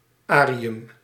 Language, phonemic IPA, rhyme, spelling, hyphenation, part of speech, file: Dutch, /-ˈaː.ri.ʏm/, -aːriʏm, -arium, -a‧ri‧um, suffix, Nl--arium.ogg
- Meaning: 1. -arium (a place associated with a specified thing) 2. -arium (a device associated with a specified function)